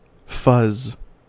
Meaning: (noun) 1. A frizzy mass of hair or fibre 2. Quality of an image that is unclear; a blurred image 3. The random data used in fuzz testing
- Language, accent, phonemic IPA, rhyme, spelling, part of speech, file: English, US, /fʌz/, -ʌz, fuzz, noun / verb, En-us-fuzz.ogg